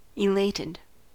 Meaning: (adjective) Extremely happy and excited; delighted; pleased, euphoric; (verb) simple past and past participle of elate
- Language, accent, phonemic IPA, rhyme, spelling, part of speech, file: English, US, /ɪˈleɪtɪd/, -eɪtɪd, elated, adjective / verb, En-us-elated.ogg